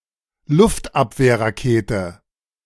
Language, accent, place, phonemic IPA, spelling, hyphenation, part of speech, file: German, Germany, Berlin, /ˈlʊftapvɛɐ̯.ʁaˌkeːtə/, Luftabwehrrakete, Luft‧ab‧wehr‧ra‧ke‧te, noun, De-Luftabwehrrakete.ogg
- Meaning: anti-aircraft missile